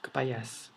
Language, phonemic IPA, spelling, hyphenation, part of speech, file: Brunei, /kɐpajas/, kapayas, ka‧pa‧yas, noun, Kxd-kapayas.ogg
- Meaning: papaya, fruit of Carica papaya